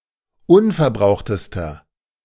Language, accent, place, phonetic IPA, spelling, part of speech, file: German, Germany, Berlin, [ˈʊnfɛɐ̯ˌbʁaʊ̯xtəstɐ], unverbrauchtester, adjective, De-unverbrauchtester.ogg
- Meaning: inflection of unverbraucht: 1. strong/mixed nominative masculine singular superlative degree 2. strong genitive/dative feminine singular superlative degree 3. strong genitive plural superlative degree